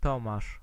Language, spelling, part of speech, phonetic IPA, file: Polish, Tomasz, proper noun, [ˈtɔ̃maʃ], Pl-Tomasz.ogg